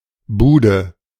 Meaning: 1. booth, stall 2. kiosk 3. shack, hut 4. digs; flat, apartment 5. goal
- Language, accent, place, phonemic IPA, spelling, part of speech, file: German, Germany, Berlin, /ˈbuːdə/, Bude, noun, De-Bude.ogg